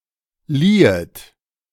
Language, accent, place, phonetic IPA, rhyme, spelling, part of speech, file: German, Germany, Berlin, [ˈliːət], -iːət, liehet, verb, De-liehet.ogg
- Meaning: second-person plural subjunctive II of leihen